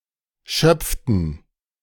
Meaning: inflection of schöpfen: 1. first/third-person plural preterite 2. first/third-person plural subjunctive II
- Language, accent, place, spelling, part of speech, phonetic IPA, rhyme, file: German, Germany, Berlin, schöpften, verb, [ˈʃœp͡ftn̩], -œp͡ftn̩, De-schöpften.ogg